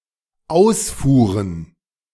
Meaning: plural of Ausfuhr
- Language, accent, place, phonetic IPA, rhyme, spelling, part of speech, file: German, Germany, Berlin, [ˈaʊ̯sfuːʁən], -aʊ̯sfuːʁən, Ausfuhren, noun, De-Ausfuhren.ogg